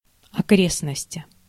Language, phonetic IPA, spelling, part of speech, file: Russian, [ɐˈkrʲesnəsʲtʲɪ], окрестности, noun, Ru-окрестности.ogg
- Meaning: 1. surroundings (area surrounding someone or something) 2. inflection of окре́стность (okréstnostʹ) 3. inflection of окре́стность (okréstnostʹ): genitive/dative/prepositional singular